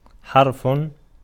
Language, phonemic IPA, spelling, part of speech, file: Arabic, /ħarf/, حرف, noun, Ar-حرف.ogg
- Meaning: 1. verbal noun of حَرَفَ (ḥarafa) (form I) 2. letter (of the alphabet), piece of type 3. consonant 4. particle 5. word